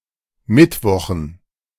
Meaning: dative plural of Mittwoch
- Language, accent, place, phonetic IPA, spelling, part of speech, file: German, Germany, Berlin, [ˈmɪtˌvɔxn̩], Mittwochen, noun, De-Mittwochen.ogg